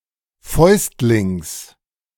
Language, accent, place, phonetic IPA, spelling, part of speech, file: German, Germany, Berlin, [ˈfɔɪ̯stlɪŋs], Fäustlings, noun, De-Fäustlings.ogg
- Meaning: genitive singular of Fäustling